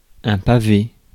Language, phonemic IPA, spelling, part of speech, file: French, /pa.ve/, pavé, noun / verb, Fr-pavé.ogg
- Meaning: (noun) 1. cobblestone 2. cobblestone street 3. parallelepiped 4. pavé (rectangular food) 5. thick, massive book; doorstop 6. screed, ream, long text; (verb) past participle of paver